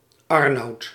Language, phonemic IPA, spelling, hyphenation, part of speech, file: Dutch, /ˈɑr.nɑu̯t/, Arnout, Ar‧nout, proper noun, Nl-Arnout.ogg
- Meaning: a male given name, equivalent to English Arnold